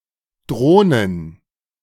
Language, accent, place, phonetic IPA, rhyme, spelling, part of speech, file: German, Germany, Berlin, [ˈdʁoːnən], -oːnən, Drohnen, noun, De-Drohnen.ogg
- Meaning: plural of Drohne